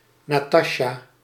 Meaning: a female given name
- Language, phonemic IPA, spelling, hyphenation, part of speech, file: Dutch, /ˌnaːˈtɑ.ʃaː/, Natasja, Na‧tas‧ja, proper noun, Nl-Natasja.ogg